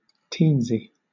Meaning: tiny
- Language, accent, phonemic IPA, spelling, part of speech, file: English, Southern England, /ˈtiːn.si/, teensy, adjective, LL-Q1860 (eng)-teensy.wav